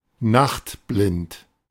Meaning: night-blind
- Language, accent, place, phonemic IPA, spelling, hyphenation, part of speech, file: German, Germany, Berlin, /ˈnaxtˌblɪnt/, nachtblind, nacht‧blind, adjective, De-nachtblind.ogg